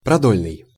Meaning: 1. longitudinal 2. lengthwise
- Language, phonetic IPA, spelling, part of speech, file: Russian, [prɐˈdolʲnɨj], продольный, adjective, Ru-продольный.ogg